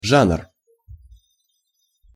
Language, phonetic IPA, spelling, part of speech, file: Russian, [ʐanr], жанр, noun, Ru-жанр.ogg
- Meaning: genre